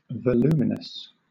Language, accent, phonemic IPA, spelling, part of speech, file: English, Southern England, /vəˈl(j)uː.mɪ.nəs/, voluminous, adjective, LL-Q1860 (eng)-voluminous.wav
- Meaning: 1. Of or pertaining to volume or volumes 2. Consisting of many folds, coils, or convolutions 3. Of great volume, or bulk; large 4. Having written much, or produced many volumes